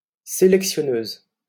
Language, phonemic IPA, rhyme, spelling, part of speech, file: French, /se.lɛk.sjɔ.nøz/, -øz, sélectionneuse, noun, LL-Q150 (fra)-sélectionneuse.wav
- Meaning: female equivalent of sélectionneur